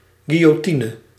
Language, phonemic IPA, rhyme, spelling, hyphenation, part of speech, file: Dutch, /ˌɡi.joːˈti.nə/, -inə, guillotine, guil‧lo‧ti‧ne, noun, Nl-guillotine.ogg
- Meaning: guillotine